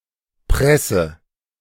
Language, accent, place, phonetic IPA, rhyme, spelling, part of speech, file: German, Germany, Berlin, [ˈpʁɛsə], -ɛsə, presse, verb, De-presse.ogg
- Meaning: inflection of pressen: 1. first-person singular present 2. first/third-person singular subjunctive I 3. singular imperative